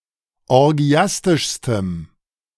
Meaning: strong dative masculine/neuter singular superlative degree of orgiastisch
- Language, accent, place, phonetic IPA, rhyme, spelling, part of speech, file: German, Germany, Berlin, [ɔʁˈɡi̯astɪʃstəm], -astɪʃstəm, orgiastischstem, adjective, De-orgiastischstem.ogg